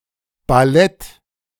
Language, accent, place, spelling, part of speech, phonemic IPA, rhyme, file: German, Germany, Berlin, Ballett, noun, /baˈlɛt/, -ɛt, De-Ballett.ogg
- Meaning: ballet